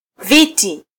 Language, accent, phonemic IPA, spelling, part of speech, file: Swahili, Kenya, /ˈvi.ti/, viti, noun, Sw-ke-viti.flac
- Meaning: plural of kiti